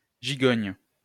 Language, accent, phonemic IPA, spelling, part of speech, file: French, France, /ʒi.ɡɔɲ/, gigogne, adjective, LL-Q150 (fra)-gigogne.wav
- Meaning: nesting (composed of many elements, each fitting in a bigger one)